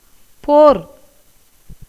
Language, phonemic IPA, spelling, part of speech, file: Tamil, /poːɾ/, போர், noun, Ta-போர்.ogg
- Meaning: 1. war, fight, battle 2. wrestling 3. rivalry, competition